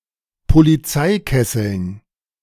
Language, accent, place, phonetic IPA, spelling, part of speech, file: German, Germany, Berlin, [poliˈt͡saɪ̯ˌkɛsl̩n], Polizeikesseln, noun, De-Polizeikesseln.ogg
- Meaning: dative plural of Polizeikessel